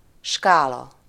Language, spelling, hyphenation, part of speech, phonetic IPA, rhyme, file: Hungarian, skála, ská‧la, noun, [ˈʃkaːlɒ], -lɒ, Hu-skála.ogg
- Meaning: 1. scale 2. range (e.g. of goods)